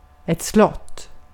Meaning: a castle, a palace (large, grand building serving or previously serving as a residence for royalty or nobility (where fortification, if at all present, is often secondary))
- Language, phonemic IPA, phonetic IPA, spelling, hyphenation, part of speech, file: Swedish, /slɔtː/, [s̪l̪ɔt̪ː], slott, slott, noun, Sv-slott.ogg